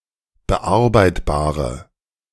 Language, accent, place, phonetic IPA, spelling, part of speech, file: German, Germany, Berlin, [bəˈʔaʁbaɪ̯tbaːʁə], bearbeitbare, adjective, De-bearbeitbare.ogg
- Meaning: inflection of bearbeitbar: 1. strong/mixed nominative/accusative feminine singular 2. strong nominative/accusative plural 3. weak nominative all-gender singular